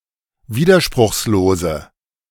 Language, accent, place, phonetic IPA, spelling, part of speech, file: German, Germany, Berlin, [ˈviːdɐʃpʁʊxsloːzə], widerspruchslose, adjective, De-widerspruchslose.ogg
- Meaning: inflection of widerspruchslos: 1. strong/mixed nominative/accusative feminine singular 2. strong nominative/accusative plural 3. weak nominative all-gender singular